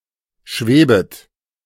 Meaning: second-person plural subjunctive I of schweben
- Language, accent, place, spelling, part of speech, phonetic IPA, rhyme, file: German, Germany, Berlin, schwebet, verb, [ˈʃveːbət], -eːbət, De-schwebet.ogg